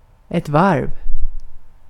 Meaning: 1. turn, revolution, a full circle 2. lap, circuit 3. layer, varve 4. wharf, shipyard
- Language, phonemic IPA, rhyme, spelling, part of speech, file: Swedish, /varv/, -arv, varv, noun, Sv-varv.ogg